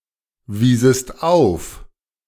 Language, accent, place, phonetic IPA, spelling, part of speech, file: German, Germany, Berlin, [ˌviːzəst ˈaʊ̯f], wiesest auf, verb, De-wiesest auf.ogg
- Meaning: second-person singular subjunctive II of aufweisen